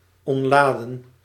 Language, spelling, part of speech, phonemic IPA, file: Dutch, ontladen, verb, /ˌɔntˈlaː.də(n)/, Nl-ontladen.ogg
- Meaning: 1. to discharge (electricity) 2. to relax, to release (stress) 3. past participle of ontladen